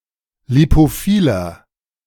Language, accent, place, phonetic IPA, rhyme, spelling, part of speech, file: German, Germany, Berlin, [lipoˈfiːlɐ], -iːlɐ, lipophiler, adjective, De-lipophiler.ogg
- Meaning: inflection of lipophil: 1. strong/mixed nominative masculine singular 2. strong genitive/dative feminine singular 3. strong genitive plural